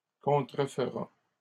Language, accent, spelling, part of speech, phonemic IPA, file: French, Canada, contrefera, verb, /kɔ̃.tʁə.f(ə).ʁa/, LL-Q150 (fra)-contrefera.wav
- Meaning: third-person singular future of contrefaire